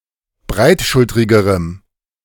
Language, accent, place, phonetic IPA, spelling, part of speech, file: German, Germany, Berlin, [ˈbʁaɪ̯tˌʃʊltʁɪɡəʁəm], breitschultrigerem, adjective, De-breitschultrigerem.ogg
- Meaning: strong dative masculine/neuter singular comparative degree of breitschultrig